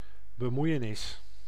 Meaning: intervention, meddling (usually with a negative connotation)
- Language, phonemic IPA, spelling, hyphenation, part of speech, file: Dutch, /bəˈmui̯.ə.nɪs/, bemoeienis, be‧moei‧e‧nis, noun, Nl-bemoeienis.ogg